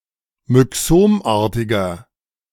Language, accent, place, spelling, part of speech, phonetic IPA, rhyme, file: German, Germany, Berlin, myxomartiger, adjective, [mʏˈksoːmˌʔaːɐ̯tɪɡɐ], -oːmʔaːɐ̯tɪɡɐ, De-myxomartiger.ogg
- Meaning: inflection of myxomartig: 1. strong/mixed nominative masculine singular 2. strong genitive/dative feminine singular 3. strong genitive plural